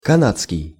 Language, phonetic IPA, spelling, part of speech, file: Russian, [kɐˈnat͡skʲɪj], канадский, adjective, Ru-канадский.ogg
- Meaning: Canadian